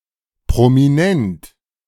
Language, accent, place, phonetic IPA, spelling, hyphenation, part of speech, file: German, Germany, Berlin, [pʁomiˈnɛnt], prominent, pro‧mi‧nent, adjective, De-prominent.ogg
- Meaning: prominent